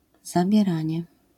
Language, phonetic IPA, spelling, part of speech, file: Polish, [ˌzabʲjɛˈrãɲɛ], zabieranie, noun, LL-Q809 (pol)-zabieranie.wav